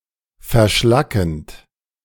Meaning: present participle of verschlacken
- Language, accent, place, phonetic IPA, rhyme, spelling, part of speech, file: German, Germany, Berlin, [fɛɐ̯ˈʃlakn̩t], -akn̩t, verschlackend, verb, De-verschlackend.ogg